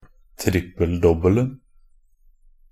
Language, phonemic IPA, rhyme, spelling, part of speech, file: Norwegian Bokmål, /ˈtrɪpːəl.dɔbːəln̩/, -əln̩, trippel-dobbelen, noun, Nb-trippel-dobbelen.ogg
- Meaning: definite singular of trippel-dobbel